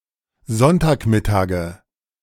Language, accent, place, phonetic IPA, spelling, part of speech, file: German, Germany, Berlin, [ˈzɔntaːkˌmɪtaːɡə], Sonntagmittage, noun, De-Sonntagmittage.ogg
- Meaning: nominative/accusative/genitive plural of Sonntagmittag